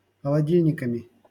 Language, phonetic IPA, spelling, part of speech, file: Russian, [xəɫɐˈdʲilʲnʲɪkəmʲɪ], холодильниками, noun, LL-Q7737 (rus)-холодильниками.wav
- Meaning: instrumental plural of холоди́льник (xolodílʹnik)